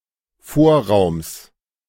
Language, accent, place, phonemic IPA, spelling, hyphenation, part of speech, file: German, Germany, Berlin, /ˈfoːɐ̯ˌʁaʊ̯ms/, Vorraums, Vor‧raums, noun, De-Vorraums.ogg
- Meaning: genitive singular of Vorraum